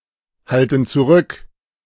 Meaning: inflection of zurückhalten: 1. first/third-person plural present 2. first/third-person plural subjunctive I
- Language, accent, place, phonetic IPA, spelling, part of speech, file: German, Germany, Berlin, [ˌhaltn̩ t͡suˈʁʏk], halten zurück, verb, De-halten zurück.ogg